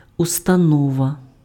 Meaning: institution, establishment, organization
- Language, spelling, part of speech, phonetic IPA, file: Ukrainian, установа, noun, [ʊstɐˈnɔʋɐ], Uk-установа.ogg